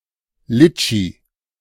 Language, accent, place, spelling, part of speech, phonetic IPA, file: German, Germany, Berlin, Litschi, noun, [ˈlɪt͡ʃi], De-Litschi.ogg
- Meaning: lychee (fruit), (Litchi chinensis), also spelled litchi (the U.S. FDA spelling) or laichi